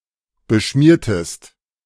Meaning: inflection of beschmieren: 1. second-person singular preterite 2. second-person singular subjunctive II
- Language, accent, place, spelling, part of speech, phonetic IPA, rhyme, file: German, Germany, Berlin, beschmiertest, verb, [bəˈʃmiːɐ̯təst], -iːɐ̯təst, De-beschmiertest.ogg